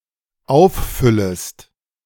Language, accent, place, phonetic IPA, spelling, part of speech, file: German, Germany, Berlin, [ˈaʊ̯fˌfʏləst], auffüllest, verb, De-auffüllest.ogg
- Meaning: second-person singular dependent subjunctive I of auffüllen